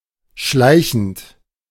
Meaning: present participle of schleichen
- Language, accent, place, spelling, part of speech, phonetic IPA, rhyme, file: German, Germany, Berlin, schleichend, verb, [ˈʃlaɪ̯çn̩t], -aɪ̯çn̩t, De-schleichend.ogg